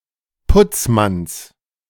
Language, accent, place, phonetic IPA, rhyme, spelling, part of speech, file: German, Germany, Berlin, [ˈpʊt͡sˌmans], -ʊt͡smans, Putzmanns, noun, De-Putzmanns.ogg
- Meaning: genitive of Putzmann